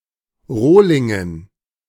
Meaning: dative plural of Rohling
- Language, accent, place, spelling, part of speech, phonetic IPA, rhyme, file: German, Germany, Berlin, Rohlingen, noun, [ˈʁoːlɪŋən], -oːlɪŋən, De-Rohlingen.ogg